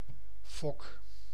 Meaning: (noun) 1. a foresail 2. by comparison, of shape: a nose 3. by comparison, of shape: the head of a cogwheel 4. by comparison, of shape: a pair of glasses
- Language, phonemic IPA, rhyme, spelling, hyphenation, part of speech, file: Dutch, /fɔk/, -ɔk, fok, fok, noun / verb, Nl-fok.ogg